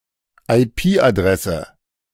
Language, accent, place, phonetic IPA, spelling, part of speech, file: German, Germany, Berlin, [aɪ̯ˈpiːʔaˌdʁɛsə], IP-Adresse, noun, De-IP-Adresse.ogg
- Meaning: IP address (number assigned to each computer's network interface)